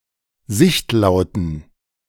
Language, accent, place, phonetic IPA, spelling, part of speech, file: German, Germany, Berlin, [ˈzɪçtˌlaʊ̯tn̩], sichtlauten, adjective, De-sichtlauten.ogg
- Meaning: inflection of sichtlaut: 1. strong genitive masculine/neuter singular 2. weak/mixed genitive/dative all-gender singular 3. strong/weak/mixed accusative masculine singular 4. strong dative plural